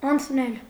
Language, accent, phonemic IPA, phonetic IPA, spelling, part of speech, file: Armenian, Eastern Armenian, /ɑnt͡sʰˈnel/, [ɑnt͡sʰnél], անցնել, verb, Hy-անցնել.ogg
- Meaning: to pass